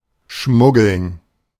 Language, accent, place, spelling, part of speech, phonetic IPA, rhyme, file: German, Germany, Berlin, schmuggeln, verb, [ˈʃmʊɡl̩n], -ʊɡl̩n, De-schmuggeln.ogg
- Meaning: to smuggle